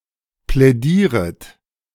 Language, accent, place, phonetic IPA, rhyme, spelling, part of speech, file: German, Germany, Berlin, [plɛˈdiːʁət], -iːʁət, plädieret, verb, De-plädieret.ogg
- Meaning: second-person plural subjunctive I of plädieren